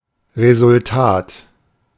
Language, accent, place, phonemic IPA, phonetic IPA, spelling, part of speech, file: German, Germany, Berlin, /ʁezʊlˈtaːt/, [ʁezʊlˈtʰaːtʰ], Resultat, noun, De-Resultat.ogg
- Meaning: result (that which results)